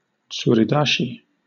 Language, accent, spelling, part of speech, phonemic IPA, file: English, Southern England, tsuridashi, noun, /ˌ(t)suːɹiˈdɑːʃi/, LL-Q1860 (eng)-tsuridashi.wav
- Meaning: A kimarite in which the attacker grips his opponent's mawashi and heaves him into the air, lifting him over and out of the ring